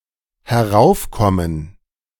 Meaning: 1. to come up 2. to emerge
- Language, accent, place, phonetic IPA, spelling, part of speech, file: German, Germany, Berlin, [hɛˈʁaʊ̯fˌkɔmən], heraufkommen, verb, De-heraufkommen.ogg